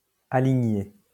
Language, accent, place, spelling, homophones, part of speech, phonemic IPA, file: French, France, Lyon, aligné, alignai / alignée / alignées / aligner / alignés / alignez / aligniez, verb, /a.li.ɲe/, LL-Q150 (fra)-aligné.wav
- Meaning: past participle of aligner